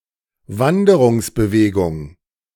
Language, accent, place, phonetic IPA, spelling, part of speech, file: German, Germany, Berlin, [ˈvandəʁʊŋsbəˌveːɡʊŋ], Wanderungsbewegung, noun, De-Wanderungsbewegung.ogg
- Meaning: migration